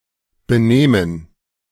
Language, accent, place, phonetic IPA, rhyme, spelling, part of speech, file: German, Germany, Berlin, [bəˈnɛːmən], -ɛːmən, benähmen, verb, De-benähmen.ogg
- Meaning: first/third-person plural subjunctive II of benehmen